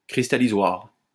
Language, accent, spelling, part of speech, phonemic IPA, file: French, France, cristallisoir, noun, /kʁis.ta.li.zwaʁ/, LL-Q150 (fra)-cristallisoir.wav
- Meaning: crystallizer